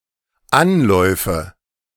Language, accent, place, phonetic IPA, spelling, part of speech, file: German, Germany, Berlin, [ˈanlɔɪ̯fə], Anläufe, noun, De-Anläufe.ogg
- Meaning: nominative/accusative/genitive plural of Anlauf